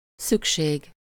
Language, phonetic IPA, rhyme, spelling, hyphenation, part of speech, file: Hungarian, [ˈsykʃeːɡ], -eːɡ, szükség, szük‧ség, noun, Hu-szükség.ogg
- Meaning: 1. need (necessity, requirement; also in the impersonal phrase szükség van, the person or thing needed given with -ra/-re) 2. See szüksége van (“to need”, literally “to have need”)